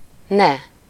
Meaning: don't, should/shall not, stop (doing something)
- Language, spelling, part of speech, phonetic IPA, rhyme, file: Hungarian, ne, adverb, [ˈnɛ], -nɛ, Hu-ne.ogg